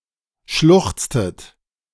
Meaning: inflection of schluchzen: 1. second-person plural preterite 2. second-person plural subjunctive II
- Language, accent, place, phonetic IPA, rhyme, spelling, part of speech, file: German, Germany, Berlin, [ˈʃlʊxt͡stət], -ʊxt͡stət, schluchztet, verb, De-schluchztet.ogg